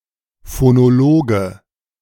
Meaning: phonologist (male or of unspecified gender)
- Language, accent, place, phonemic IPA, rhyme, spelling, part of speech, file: German, Germany, Berlin, /fonoˈloːɡə/, -oːɡə, Phonologe, noun, De-Phonologe.ogg